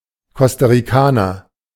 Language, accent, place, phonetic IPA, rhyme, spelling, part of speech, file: German, Germany, Berlin, [ˌkɔstaʁiˈkaːnɐ], -aːnɐ, Costa-Ricaner, noun, De-Costa-Ricaner.ogg
- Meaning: Costa Rican (person from Costa Rica)